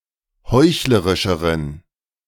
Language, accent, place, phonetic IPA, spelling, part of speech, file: German, Germany, Berlin, [ˈhɔɪ̯çləʁɪʃəʁən], heuchlerischeren, adjective, De-heuchlerischeren.ogg
- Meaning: inflection of heuchlerisch: 1. strong genitive masculine/neuter singular comparative degree 2. weak/mixed genitive/dative all-gender singular comparative degree